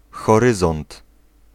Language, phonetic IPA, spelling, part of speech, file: Polish, [xɔˈrɨzɔ̃nt], horyzont, noun, Pl-horyzont.ogg